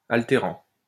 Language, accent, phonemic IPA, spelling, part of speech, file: French, France, /al.te.ʁɑ̃/, altérant, verb, LL-Q150 (fra)-altérant.wav
- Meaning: present participle of altérer